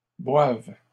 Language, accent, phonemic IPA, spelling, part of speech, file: French, Canada, /bwav/, boivent, verb, LL-Q150 (fra)-boivent.wav
- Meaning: third-person plural present indicative/subjunctive of boire